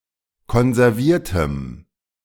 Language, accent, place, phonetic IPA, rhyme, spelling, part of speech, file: German, Germany, Berlin, [kɔnzɛʁˈviːɐ̯təm], -iːɐ̯təm, konserviertem, adjective, De-konserviertem.ogg
- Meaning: strong dative masculine/neuter singular of konserviert